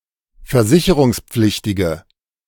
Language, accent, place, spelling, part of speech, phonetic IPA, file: German, Germany, Berlin, versicherungspflichtige, adjective, [fɛɐ̯ˈzɪçəʁʊŋsˌp͡flɪçtɪɡə], De-versicherungspflichtige.ogg
- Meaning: inflection of versicherungspflichtig: 1. strong/mixed nominative/accusative feminine singular 2. strong nominative/accusative plural 3. weak nominative all-gender singular